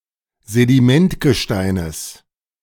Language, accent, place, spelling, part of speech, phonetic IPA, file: German, Germany, Berlin, Sedimentgesteines, noun, [zediˈmɛntɡəˌʃtaɪ̯nəs], De-Sedimentgesteines.ogg
- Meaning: genitive singular of Sedimentgestein